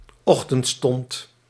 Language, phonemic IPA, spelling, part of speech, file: Dutch, /ˈɔxtəntˌstɔnt/, ochtendstond, noun, Nl-ochtendstond.ogg
- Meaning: break of day